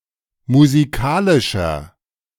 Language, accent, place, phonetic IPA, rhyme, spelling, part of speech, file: German, Germany, Berlin, [muziˈkaːlɪʃɐ], -aːlɪʃɐ, musikalischer, adjective, De-musikalischer.ogg
- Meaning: 1. comparative degree of musikalisch 2. inflection of musikalisch: strong/mixed nominative masculine singular 3. inflection of musikalisch: strong genitive/dative feminine singular